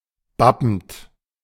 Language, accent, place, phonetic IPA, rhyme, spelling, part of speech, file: German, Germany, Berlin, [ˈbapn̩t], -apn̩t, bappend, verb, De-bappend.ogg
- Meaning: present participle of bappen